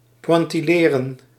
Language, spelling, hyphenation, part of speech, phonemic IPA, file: Dutch, pointilleren, poin‧til‧le‧ren, verb, /ˌpʋɑn.tiˈleː.rə(n)/, Nl-pointilleren.ogg
- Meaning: to paint in the pointillé technique